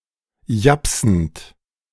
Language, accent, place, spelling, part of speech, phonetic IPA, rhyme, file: German, Germany, Berlin, japsend, verb, [ˈjapsn̩t], -apsn̩t, De-japsend.ogg
- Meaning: present participle of japsen